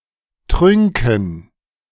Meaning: dative plural of Trunk
- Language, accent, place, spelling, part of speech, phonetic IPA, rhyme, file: German, Germany, Berlin, Trünken, noun, [ˈtʁʏŋkn̩], -ʏŋkn̩, De-Trünken.ogg